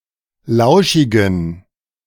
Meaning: inflection of lauschig: 1. strong genitive masculine/neuter singular 2. weak/mixed genitive/dative all-gender singular 3. strong/weak/mixed accusative masculine singular 4. strong dative plural
- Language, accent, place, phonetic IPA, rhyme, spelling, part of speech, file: German, Germany, Berlin, [ˈlaʊ̯ʃɪɡn̩], -aʊ̯ʃɪɡn̩, lauschigen, adjective, De-lauschigen.ogg